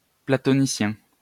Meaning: Platonic
- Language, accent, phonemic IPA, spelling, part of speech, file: French, France, /pla.tɔ.ni.sjɛ̃/, platonicien, adjective, LL-Q150 (fra)-platonicien.wav